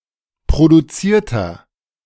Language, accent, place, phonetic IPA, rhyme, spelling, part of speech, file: German, Germany, Berlin, [pʁoduˈt͡siːɐ̯tɐ], -iːɐ̯tɐ, produzierter, adjective, De-produzierter.ogg
- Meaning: inflection of produziert: 1. strong/mixed nominative masculine singular 2. strong genitive/dative feminine singular 3. strong genitive plural